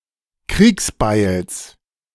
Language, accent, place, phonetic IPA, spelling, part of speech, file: German, Germany, Berlin, [ˈkʁiːksˌbaɪ̯ls], Kriegsbeils, noun, De-Kriegsbeils.ogg
- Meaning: genitive singular of Kriegsbeil